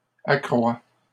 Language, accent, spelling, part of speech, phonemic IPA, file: French, Canada, accroît, verb, /a.kʁwa/, LL-Q150 (fra)-accroît.wav
- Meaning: third-person singular present indicative of accroitre